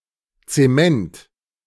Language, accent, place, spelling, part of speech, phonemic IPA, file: German, Germany, Berlin, Zement, noun, /tseˈmɛnt/, De-Zement.ogg
- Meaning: 1. cement 2. cementum